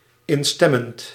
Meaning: present participle of instemmen
- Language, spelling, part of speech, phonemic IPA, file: Dutch, instemmend, verb / adjective, /ɪnˈstɛmənt/, Nl-instemmend.ogg